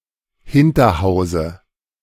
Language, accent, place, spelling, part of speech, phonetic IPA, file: German, Germany, Berlin, Hinterhause, noun, [ˈhɪntɐˌhaʊ̯zə], De-Hinterhause.ogg
- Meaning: dative of Hinterhaus